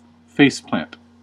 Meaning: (noun) 1. The act of landing face first, as a result of an accident or error 2. Death or defeat in a multiplayer online game
- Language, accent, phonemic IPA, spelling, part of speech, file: English, US, /ˈfeɪsˌplænt/, faceplant, noun / verb, En-us-faceplant.ogg